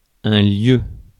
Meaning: 1. place 2. locus (set of all points whose location satisfies or is determined by one or more specified conditions) 3. outhouse, toilet 4. any of several fish from the Pollachius family
- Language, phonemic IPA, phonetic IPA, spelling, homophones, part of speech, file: French, /ljø/, [ljø], lieu, lieue / lieus / lieux / lieues, noun, Fr-lieu.ogg